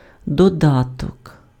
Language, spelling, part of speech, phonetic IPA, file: Ukrainian, додаток, noun, [dɔˈdatɔk], Uk-додаток.ogg
- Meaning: 1. supplement, addendum, addition 2. object 3. application, app